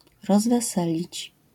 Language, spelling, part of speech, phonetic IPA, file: Polish, rozweselić, verb, [ˌrɔzvɛˈsɛlʲit͡ɕ], LL-Q809 (pol)-rozweselić.wav